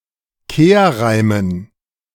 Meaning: dative plural of Kehrreim
- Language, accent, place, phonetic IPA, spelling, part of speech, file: German, Germany, Berlin, [ˈkeːɐ̯ˌʁaɪ̯mən], Kehrreimen, noun, De-Kehrreimen.ogg